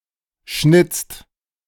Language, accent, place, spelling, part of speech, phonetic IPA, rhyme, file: German, Germany, Berlin, schnitzt, verb, [ʃnɪt͡st], -ɪt͡st, De-schnitzt.ogg
- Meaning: inflection of schnitzen: 1. second/third-person singular present 2. second-person plural present 3. plural imperative